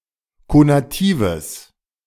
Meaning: strong/mixed nominative/accusative neuter singular of konativ
- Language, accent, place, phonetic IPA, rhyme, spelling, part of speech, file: German, Germany, Berlin, [konaˈtiːvəs], -iːvəs, konatives, adjective, De-konatives.ogg